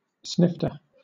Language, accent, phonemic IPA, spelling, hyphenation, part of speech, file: English, Southern England, /ˈsnɪftə/, snifter, snift‧er, verb / noun, LL-Q1860 (eng)-snifter.wav
- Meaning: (verb) 1. To sniff; also, to snivel or snuffle 2. Followed by out: to speak (words) in a nasal, snuffling manner; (noun) 1. A sniff 2. A strong or severe wind